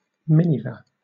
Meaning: A light gray or white fur used to trim the robes of judges or state executives, also used in medieval times
- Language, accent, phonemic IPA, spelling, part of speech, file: English, Southern England, /ˈmɪnɪvə/, miniver, noun, LL-Q1860 (eng)-miniver.wav